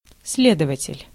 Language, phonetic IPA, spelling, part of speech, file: Russian, [ˈs⁽ʲ⁾lʲedəvətʲɪlʲ], следователь, noun, Ru-следователь.ogg
- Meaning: investigator, detective